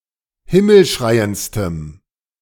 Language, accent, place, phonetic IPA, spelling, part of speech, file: German, Germany, Berlin, [ˈhɪml̩ˌʃʁaɪ̯ənt͡stəm], himmelschreiendstem, adjective, De-himmelschreiendstem.ogg
- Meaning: strong dative masculine/neuter singular superlative degree of himmelschreiend